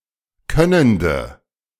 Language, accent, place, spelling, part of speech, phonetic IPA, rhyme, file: German, Germany, Berlin, könnende, adjective, [ˈkœnəndə], -œnəndə, De-könnende.ogg
- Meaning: inflection of könnend: 1. strong/mixed nominative/accusative feminine singular 2. strong nominative/accusative plural 3. weak nominative all-gender singular 4. weak accusative feminine/neuter singular